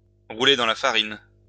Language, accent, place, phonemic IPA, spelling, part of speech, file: French, France, Lyon, /ʁu.le dɑ̃ la fa.ʁin/, rouler dans la farine, verb, LL-Q150 (fra)-rouler dans la farine.wav
- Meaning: to fool, to deceive; to scam, to con, to swindle, to take to the cleaners